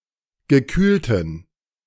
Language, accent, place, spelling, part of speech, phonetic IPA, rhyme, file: German, Germany, Berlin, gekühlten, adjective, [ɡəˈkyːltn̩], -yːltn̩, De-gekühlten.ogg
- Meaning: inflection of gekühlt: 1. strong genitive masculine/neuter singular 2. weak/mixed genitive/dative all-gender singular 3. strong/weak/mixed accusative masculine singular 4. strong dative plural